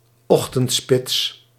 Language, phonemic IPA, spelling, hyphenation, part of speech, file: Dutch, /ˈɔx.təntˌspɪts/, ochtendspits, och‧tend‧spits, noun, Nl-ochtendspits.ogg
- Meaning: morning rush hour